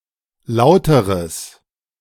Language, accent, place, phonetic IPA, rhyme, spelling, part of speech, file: German, Germany, Berlin, [ˈlaʊ̯təʁəs], -aʊ̯təʁəs, lauteres, adjective, De-lauteres.ogg
- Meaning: strong/mixed nominative/accusative neuter singular comparative degree of laut